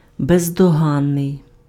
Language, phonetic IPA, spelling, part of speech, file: Ukrainian, [bezdɔˈɦanːei̯], бездоганний, adjective, Uk-бездоганний.ogg
- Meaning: irreproachable, unimpeachable, impeccable, blameless, faultless, spotless (not deserving reproach or criticism)